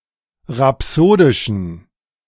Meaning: inflection of rhapsodisch: 1. strong genitive masculine/neuter singular 2. weak/mixed genitive/dative all-gender singular 3. strong/weak/mixed accusative masculine singular 4. strong dative plural
- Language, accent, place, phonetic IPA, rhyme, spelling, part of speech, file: German, Germany, Berlin, [ʁaˈpsoːdɪʃn̩], -oːdɪʃn̩, rhapsodischen, adjective, De-rhapsodischen.ogg